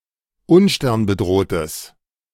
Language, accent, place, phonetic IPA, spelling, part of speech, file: German, Germany, Berlin, [ˈʊnʃtɛʁnbəˌdʁoːtəs], unsternbedrohtes, adjective, De-unsternbedrohtes.ogg
- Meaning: strong/mixed nominative/accusative neuter singular of unsternbedroht